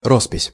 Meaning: 1. paintings; mural 2. signature
- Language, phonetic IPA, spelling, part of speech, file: Russian, [ˈrospʲɪsʲ], роспись, noun, Ru-роспись.ogg